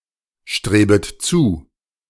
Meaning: second-person plural subjunctive I of zustreben
- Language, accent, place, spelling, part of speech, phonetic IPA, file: German, Germany, Berlin, strebet zu, verb, [ˌʃtʁeːbət ˈt͡suː], De-strebet zu.ogg